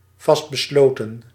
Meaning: determined, intent, resolved
- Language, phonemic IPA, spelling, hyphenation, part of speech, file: Dutch, /ˌvɑst.bəˈsloː.tə(n)/, vastbesloten, vast‧be‧slo‧ten, adjective, Nl-vastbesloten.ogg